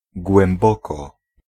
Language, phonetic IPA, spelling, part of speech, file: Polish, [ɡwɛ̃mˈbɔkɔ], głęboko, adverb, Pl-głęboko.ogg